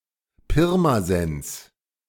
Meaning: Pirmasens (an independent town in Rhineland-Palatinate, Germany, also serving as the administrative seat of Südwestpfalz district, which however does not include the town)
- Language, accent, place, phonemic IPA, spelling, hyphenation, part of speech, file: German, Germany, Berlin, /ˈpɪʁmazɛns/, Pirmasens, Pir‧ma‧sens, proper noun, De-Pirmasens.ogg